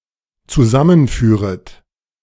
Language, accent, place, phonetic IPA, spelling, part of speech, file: German, Germany, Berlin, [t͡suˈzamənˌfyːʁət], zusammenführet, verb, De-zusammenführet.ogg
- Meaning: second-person plural dependent subjunctive I of zusammenführen